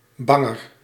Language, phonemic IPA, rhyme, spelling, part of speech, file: Dutch, /ˈbɑŋər/, -ɑŋər, banger, adjective, Nl-banger.ogg
- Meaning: comparative degree of bang